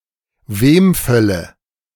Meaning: nominative/accusative/genitive plural of Wemfall
- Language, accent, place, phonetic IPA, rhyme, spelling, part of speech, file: German, Germany, Berlin, [ˈveːmˌfɛlə], -eːmfɛlə, Wemfälle, noun, De-Wemfälle.ogg